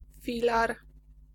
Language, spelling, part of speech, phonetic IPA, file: Polish, filar, noun, [ˈfʲilar], Pl-filar.ogg